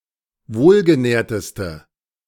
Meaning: inflection of wohlgenährt: 1. strong/mixed nominative/accusative feminine singular superlative degree 2. strong nominative/accusative plural superlative degree
- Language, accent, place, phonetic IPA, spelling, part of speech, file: German, Germany, Berlin, [ˈvoːlɡəˌnɛːɐ̯təstə], wohlgenährteste, adjective, De-wohlgenährteste.ogg